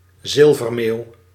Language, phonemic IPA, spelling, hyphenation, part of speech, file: Dutch, /ˈzɪl.vərˌmeːu̯/, zilvermeeuw, zil‧ver‧meeuw, noun, Nl-zilvermeeuw.ogg
- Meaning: European herring gull (Larus argentatus)